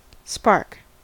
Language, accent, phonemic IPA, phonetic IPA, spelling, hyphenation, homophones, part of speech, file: English, US, /ˈspɑɹk/, [ˈspɑɹk], spark, spark, SPARC, noun / verb, En-us-spark.ogg
- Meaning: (noun) 1. A small particle of glowing matter, either molten or on fire, resulting from an electrical surge or excessive heat created by friction 2. A short or small burst of electrical discharge